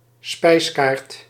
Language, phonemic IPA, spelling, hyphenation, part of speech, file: Dutch, /ˈspɛi̯s.kaːrt/, spijskaart, spijs‧kaart, noun, Nl-spijskaart.ogg
- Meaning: menu (card) (usually a physical copy)